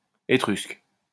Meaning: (adjective) Etruscan; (noun) Etruscan (language)
- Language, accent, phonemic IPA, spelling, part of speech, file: French, France, /e.tʁysk/, étrusque, adjective / noun, LL-Q150 (fra)-étrusque.wav